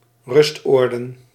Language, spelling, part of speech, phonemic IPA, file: Dutch, rustoorden, noun, /ˈrʏstordə(n)/, Nl-rustoorden.ogg
- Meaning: plural of rustoord